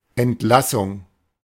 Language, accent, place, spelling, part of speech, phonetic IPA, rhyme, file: German, Germany, Berlin, Entlassung, noun, [ɛntˈlasʊŋ], -asʊŋ, De-Entlassung.ogg
- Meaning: 1. release 2. dismissal 3. discharge